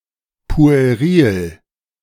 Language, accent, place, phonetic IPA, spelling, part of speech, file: German, Germany, Berlin, [pu̯eˈʁiːl], pueril, adjective, De-pueril.ogg
- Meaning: puerile